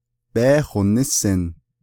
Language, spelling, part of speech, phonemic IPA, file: Navajo, bééhonísin, verb, /péːhònɪ́sɪ̀n/, Nv-bééhonísin.ogg
- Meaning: second-person singular imperfective of yééhósin